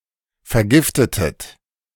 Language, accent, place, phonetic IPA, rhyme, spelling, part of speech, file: German, Germany, Berlin, [fɛɐ̯ˈɡɪftətət], -ɪftətət, vergiftetet, verb, De-vergiftetet.ogg
- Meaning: inflection of vergiften: 1. second-person plural preterite 2. second-person plural subjunctive II